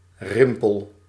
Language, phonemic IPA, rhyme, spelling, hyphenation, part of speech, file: Dutch, /ˈrɪm.pəl/, -ɪmpəl, rimpel, rim‧pel, noun, Nl-rimpel.ogg
- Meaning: wrinkle